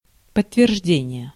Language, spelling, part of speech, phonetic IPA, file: Russian, подтверждение, noun, [pətːvʲɪrʐˈdʲenʲɪje], Ru-подтверждение.ogg
- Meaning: 1. confirmation 2. corroboration